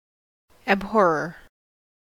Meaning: 1. One who abhors 2. A nickname given in the early 17ᵗʰ century to signatories of addresses of a petition to reconvene parliament, addressed to Charles II
- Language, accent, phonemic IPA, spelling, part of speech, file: English, US, /æbˈhɔɹ.ɚ/, abhorrer, noun, En-us-abhorrer.ogg